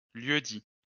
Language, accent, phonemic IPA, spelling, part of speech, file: French, France, /ljø.di/, lieu-dit, noun, LL-Q150 (fra)-lieu-dit.wav
- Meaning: 1. the smallest geographical area bearing a traditional name 2. lieu-dit (smallest piece of land which has a traditional vineyard name)